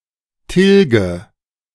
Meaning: inflection of tilgen: 1. first-person singular present 2. first/third-person singular subjunctive I 3. singular imperative
- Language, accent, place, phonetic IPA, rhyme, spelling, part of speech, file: German, Germany, Berlin, [ˈtɪlɡə], -ɪlɡə, tilge, verb, De-tilge.ogg